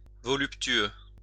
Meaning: voluptuous
- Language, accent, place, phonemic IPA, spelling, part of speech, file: French, France, Lyon, /vɔ.lyp.tɥø/, voluptueux, adjective, LL-Q150 (fra)-voluptueux.wav